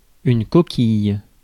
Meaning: 1. shell 2. dish; scallop 3. typo, misprint 4. jockstrap, athletic protector; groin guard, box, cup (protection for the male genitals) 5. vacuum mattress (for spinal immobilization)
- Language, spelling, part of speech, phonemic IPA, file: French, coquille, noun, /kɔ.kij/, Fr-coquille.ogg